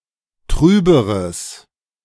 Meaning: strong/mixed nominative/accusative neuter singular comparative degree of trüb
- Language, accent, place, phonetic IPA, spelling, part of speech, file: German, Germany, Berlin, [ˈtʁyːbəʁəs], trüberes, adjective, De-trüberes.ogg